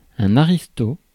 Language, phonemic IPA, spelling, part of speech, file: French, /a.ʁis.to/, aristo, noun, Fr-aristo.ogg
- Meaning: aristocrat